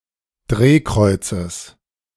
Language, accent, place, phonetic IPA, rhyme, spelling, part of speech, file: German, Germany, Berlin, [ˈdʁeːˌkʁɔɪ̯t͡səs], -eːkʁɔɪ̯t͡səs, Drehkreuzes, noun, De-Drehkreuzes.ogg
- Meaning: genitive singular of Drehkreuz